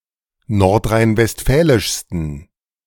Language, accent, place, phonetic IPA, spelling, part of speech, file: German, Germany, Berlin, [ˌnɔʁtʁaɪ̯nvɛstˈfɛːlɪʃstn̩], nordrhein-westfälischsten, adjective, De-nordrhein-westfälischsten.ogg
- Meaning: 1. superlative degree of nordrhein-westfälisch 2. inflection of nordrhein-westfälisch: strong genitive masculine/neuter singular superlative degree